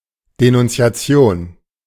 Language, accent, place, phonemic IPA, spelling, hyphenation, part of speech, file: German, Germany, Berlin, /ˌdenʊntsi̯aˈtsɪ̯oːn/, Denunziation, De‧nun‧zi‧a‧ti‧on, noun, De-Denunziation.ogg
- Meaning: denouncing, informing against